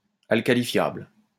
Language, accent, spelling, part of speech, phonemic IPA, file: French, France, alcalifiable, adjective, /al.ka.li.fjabl/, LL-Q150 (fra)-alcalifiable.wav
- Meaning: alkalifiable